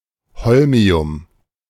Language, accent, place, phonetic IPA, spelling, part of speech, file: German, Germany, Berlin, [ˈhɔlmi̯ʊm], Holmium, noun, De-Holmium.ogg
- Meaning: holmium